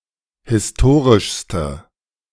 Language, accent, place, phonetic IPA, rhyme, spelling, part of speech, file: German, Germany, Berlin, [hɪsˈtoːʁɪʃstə], -oːʁɪʃstə, historischste, adjective, De-historischste.ogg
- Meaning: inflection of historisch: 1. strong/mixed nominative/accusative feminine singular superlative degree 2. strong nominative/accusative plural superlative degree